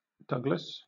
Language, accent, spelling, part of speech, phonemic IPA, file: English, Southern England, Douglas, proper noun, /ˈdʌɡləs/, LL-Q1860 (eng)-Douglas.wav
- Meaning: 1. A habitational surname from Scottish Gaelic of Scottish origin 2. A male given name transferred from the surname